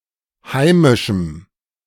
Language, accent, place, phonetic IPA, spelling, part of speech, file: German, Germany, Berlin, [ˈhaɪ̯mɪʃm̩], heimischem, adjective, De-heimischem.ogg
- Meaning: strong dative masculine/neuter singular of heimisch